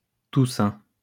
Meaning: All Saints' Day
- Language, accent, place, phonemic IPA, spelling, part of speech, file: French, France, Lyon, /tu.sɛ̃/, Toussaint, proper noun, LL-Q150 (fra)-Toussaint.wav